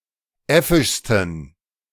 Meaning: 1. superlative degree of äffisch 2. inflection of äffisch: strong genitive masculine/neuter singular superlative degree
- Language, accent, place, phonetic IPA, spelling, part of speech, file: German, Germany, Berlin, [ˈɛfɪʃstn̩], äffischsten, adjective, De-äffischsten.ogg